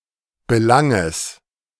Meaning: genitive singular of Belang
- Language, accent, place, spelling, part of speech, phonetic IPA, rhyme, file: German, Germany, Berlin, Belanges, noun, [bəˈlaŋəs], -aŋəs, De-Belanges.ogg